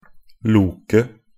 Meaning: to lurk or wander around aimlessly
- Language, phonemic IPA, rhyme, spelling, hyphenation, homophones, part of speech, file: Norwegian Bokmål, /ˈluːkə/, -uːkə, loke, lo‧ke, Loke / loket, verb, Nb-loke.ogg